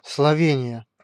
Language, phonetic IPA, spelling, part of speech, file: Russian, [sɫɐˈvʲenʲɪjə], Словения, proper noun, Ru-Словения.ogg
- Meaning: Slovenia (a country on the Balkan Peninsula in Central Europe)